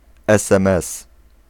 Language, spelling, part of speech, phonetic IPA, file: Polish, esemes, noun, [ɛˈsɛ̃mɛs], Pl-esemes.ogg